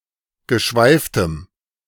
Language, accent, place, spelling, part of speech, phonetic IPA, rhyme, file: German, Germany, Berlin, geschweiftem, adjective, [ɡəˈʃvaɪ̯ftəm], -aɪ̯ftəm, De-geschweiftem.ogg
- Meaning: strong dative masculine/neuter singular of geschweift